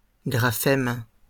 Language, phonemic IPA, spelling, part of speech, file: French, /ɡʁa.fɛm/, graphèmes, noun, LL-Q150 (fra)-graphèmes.wav
- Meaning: plural of graphème